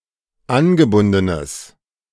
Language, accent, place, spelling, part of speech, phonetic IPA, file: German, Germany, Berlin, angebundenes, adjective, [ˈanɡəˌbʊndənəs], De-angebundenes.ogg
- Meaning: strong/mixed nominative/accusative neuter singular of angebunden